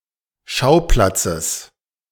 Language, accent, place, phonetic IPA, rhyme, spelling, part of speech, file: German, Germany, Berlin, [ˈʃaʊ̯ˌplat͡səs], -aʊ̯plat͡səs, Schauplatzes, noun, De-Schauplatzes.ogg
- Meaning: genitive singular of Schauplatz